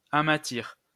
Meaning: to give gold or silver a matte finish
- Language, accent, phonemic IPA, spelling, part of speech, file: French, France, /a.ma.tiʁ/, amatir, verb, LL-Q150 (fra)-amatir.wav